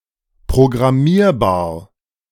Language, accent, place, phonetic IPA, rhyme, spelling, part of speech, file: German, Germany, Berlin, [pʁoɡʁaˈmiːɐ̯baːɐ̯], -iːɐ̯baːɐ̯, programmierbar, adjective, De-programmierbar.ogg
- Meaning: programmable